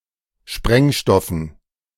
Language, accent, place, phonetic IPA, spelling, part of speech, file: German, Germany, Berlin, [ˈʃpʁɛŋˌʃtɔfn̩], Sprengstoffen, noun, De-Sprengstoffen.ogg
- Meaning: dative plural of Sprengstoff